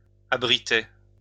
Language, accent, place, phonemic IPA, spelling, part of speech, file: French, France, Lyon, /a.bʁi.tɛ/, abritaient, verb, LL-Q150 (fra)-abritaient.wav
- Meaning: third-person plural imperfect indicative of abriter